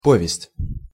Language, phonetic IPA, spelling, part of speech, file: Russian, [ˈpovʲɪsʲtʲ], повесть, noun, Ru-повесть.ogg
- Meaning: 1. narrative, story, tale 2. novella